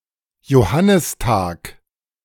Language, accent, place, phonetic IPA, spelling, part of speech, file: German, Germany, Berlin, [joˈhanɪsˌtaːk], Johannistag, noun, De-Johannistag.ogg
- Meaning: St. John's day